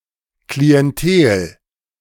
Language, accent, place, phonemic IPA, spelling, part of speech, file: German, Germany, Berlin, /kliɛnˈteːl/, Klientel, noun, De-Klientel.ogg
- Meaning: 1. clientele 2. customers, clients